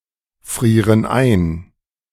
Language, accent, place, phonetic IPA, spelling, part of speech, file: German, Germany, Berlin, [ˌfʁiːʁən ˈaɪ̯n], frieren ein, verb, De-frieren ein.ogg
- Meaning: inflection of einfrieren: 1. first/third-person plural present 2. first/third-person plural subjunctive I